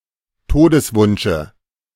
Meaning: dative of Todeswunsch
- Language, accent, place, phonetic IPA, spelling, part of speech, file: German, Germany, Berlin, [ˈtoːdəsˌvʊnʃə], Todeswunsche, noun, De-Todeswunsche.ogg